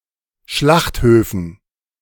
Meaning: dative plural of Schlachthof
- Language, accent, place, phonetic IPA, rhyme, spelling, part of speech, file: German, Germany, Berlin, [ˈʃlaxtˌhøːfn̩], -axthøːfn̩, Schlachthöfen, noun, De-Schlachthöfen.ogg